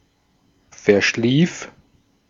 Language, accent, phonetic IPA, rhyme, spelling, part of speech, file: German, Austria, [fɛɐ̯ˈʃliːf], -iːf, verschlief, verb, De-at-verschlief.ogg
- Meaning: first/third-person singular preterite of verschlafen